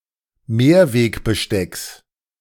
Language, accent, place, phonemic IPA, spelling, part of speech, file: German, Germany, Berlin, /ˈmeːɐ̯ˌveːkbəˌʃtɛks/, Mehrwegbestecks, noun, De-Mehrwegbestecks.ogg
- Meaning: genitive singular of Mehrwegbesteck